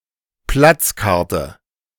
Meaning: 1. seat reservation ticket (ticket for a special seat in a bus) 2. table reservation card (ticket for a special place at a table)
- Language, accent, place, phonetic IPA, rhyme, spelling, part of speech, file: German, Germany, Berlin, [ˈplat͡sˌkaʁtə], -at͡skaʁtə, Platzkarte, noun, De-Platzkarte.ogg